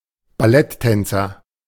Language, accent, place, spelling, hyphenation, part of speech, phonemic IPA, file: German, Germany, Berlin, Balletttänzer, Bal‧lett‧tän‧zer, noun, /baˈlɛtˌtɛnt͡sɐ/, De-Balletttänzer.ogg
- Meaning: ballet dancer